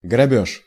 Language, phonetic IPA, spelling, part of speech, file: Russian, [ɡrɐˈbʲɵʂ], грабёж, noun, Ru-грабёж.ogg
- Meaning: robbery, open theft